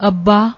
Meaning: father, dad
- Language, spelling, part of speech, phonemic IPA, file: Punjabi, ਅੱਬਾ, noun, /əbː.ɑː/, Pa-ਅੱਬਾ.ogg